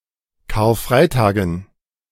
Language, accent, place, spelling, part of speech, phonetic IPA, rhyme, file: German, Germany, Berlin, Karfreitagen, noun, [kaːɐ̯ˈfʁaɪ̯taːɡn̩], -aɪ̯taːɡn̩, De-Karfreitagen.ogg
- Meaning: dative plural of Karfreitag